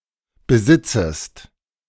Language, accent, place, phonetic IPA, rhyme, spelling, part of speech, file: German, Germany, Berlin, [bəˈzɪt͡səst], -ɪt͡səst, besitzest, verb, De-besitzest.ogg
- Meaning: second-person singular subjunctive I of besitzen